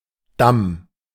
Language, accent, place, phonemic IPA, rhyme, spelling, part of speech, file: German, Germany, Berlin, /dam/, -am, Damm, noun, De-Damm.ogg
- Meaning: 1. embankment 2. perineum